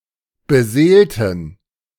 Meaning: inflection of beseelen: 1. first/third-person plural preterite 2. first/third-person plural subjunctive II
- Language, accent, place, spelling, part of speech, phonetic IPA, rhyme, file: German, Germany, Berlin, beseelten, adjective / verb, [bəˈzeːltn̩], -eːltn̩, De-beseelten.ogg